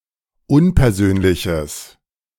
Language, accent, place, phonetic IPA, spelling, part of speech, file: German, Germany, Berlin, [ˈʊnpɛɐ̯ˌzøːnlɪçəs], unpersönliches, adjective, De-unpersönliches.ogg
- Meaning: strong/mixed nominative/accusative neuter singular of unpersönlich